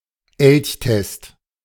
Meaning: moose test, elk test
- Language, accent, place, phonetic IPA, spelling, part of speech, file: German, Germany, Berlin, [ˈɛlçˌtɛst], Elchtest, noun, De-Elchtest.ogg